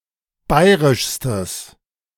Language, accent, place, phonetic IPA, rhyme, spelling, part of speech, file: German, Germany, Berlin, [ˈbaɪ̯ʁɪʃstəs], -aɪ̯ʁɪʃstəs, bayrischstes, adjective, De-bayrischstes.ogg
- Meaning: strong/mixed nominative/accusative neuter singular superlative degree of bayrisch